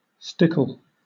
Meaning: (noun) A sharp point; prickle; a spine; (adjective) 1. Steep; high; inaccessible 2. High, as the water of a river; swollen; sweeping; rapid; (noun) A shallow rapid in a river
- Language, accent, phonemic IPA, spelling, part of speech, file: English, Southern England, /ˈstɪk(ə)l/, stickle, noun / adjective / verb, LL-Q1860 (eng)-stickle.wav